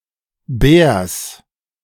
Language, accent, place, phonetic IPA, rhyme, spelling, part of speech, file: German, Germany, Berlin, [bɛːɐ̯s], -ɛːɐ̯s, Bärs, noun, De-Bärs.ogg
- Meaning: genitive of Bär